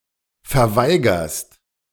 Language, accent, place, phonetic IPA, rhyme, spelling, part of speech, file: German, Germany, Berlin, [fɛɐ̯ˈvaɪ̯ɡɐst], -aɪ̯ɡɐst, verweigerst, verb, De-verweigerst.ogg
- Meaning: second-person singular present of verweigern